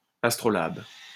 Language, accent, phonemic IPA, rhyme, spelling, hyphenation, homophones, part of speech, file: French, France, /as.tʁɔ.lab/, -ab, astrolabe, as‧tro‧labe, astrolabes, noun, LL-Q150 (fra)-astrolabe.wav
- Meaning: astrolabe